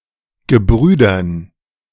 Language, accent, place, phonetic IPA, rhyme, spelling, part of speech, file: German, Germany, Berlin, [ɡəˈbʁyːdɐn], -yːdɐn, Gebrüdern, noun, De-Gebrüdern.ogg
- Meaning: dative plural of Gebrüder